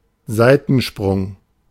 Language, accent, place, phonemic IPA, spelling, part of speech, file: German, Germany, Berlin, /ˈzaɪ̯tn̩ˌʃpʁʊŋ/, Seitensprung, noun, De-Seitensprung.ogg
- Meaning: 1. affair, (instance of) infidelity (temporary, often sexual relationship with someone other than one's partner) 2. jump or hop to the side